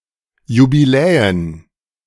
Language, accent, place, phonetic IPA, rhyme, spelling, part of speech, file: German, Germany, Berlin, [jubiˈlɛːən], -ɛːən, Jubiläen, noun, De-Jubiläen.ogg
- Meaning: plural of Jubiläum